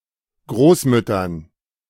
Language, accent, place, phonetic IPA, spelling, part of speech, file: German, Germany, Berlin, [ˈɡʁoːsˌmʏtɐn], Großmüttern, noun, De-Großmüttern.ogg
- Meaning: dative plural of Großmutter